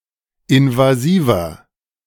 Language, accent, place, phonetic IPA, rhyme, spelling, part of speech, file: German, Germany, Berlin, [ɪnvaˈziːvɐ], -iːvɐ, invasiver, adjective, De-invasiver.ogg
- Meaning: 1. comparative degree of invasiv 2. inflection of invasiv: strong/mixed nominative masculine singular 3. inflection of invasiv: strong genitive/dative feminine singular